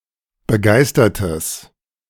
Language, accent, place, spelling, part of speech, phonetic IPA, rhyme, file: German, Germany, Berlin, begeistertes, adjective, [bəˈɡaɪ̯stɐtəs], -aɪ̯stɐtəs, De-begeistertes.ogg
- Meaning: strong/mixed nominative/accusative neuter singular of begeistert